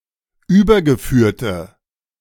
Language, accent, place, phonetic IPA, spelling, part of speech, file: German, Germany, Berlin, [ˈyːbɐɡəˌfyːɐ̯tə], übergeführte, adjective, De-übergeführte.ogg
- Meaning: inflection of übergeführt: 1. strong/mixed nominative/accusative feminine singular 2. strong nominative/accusative plural 3. weak nominative all-gender singular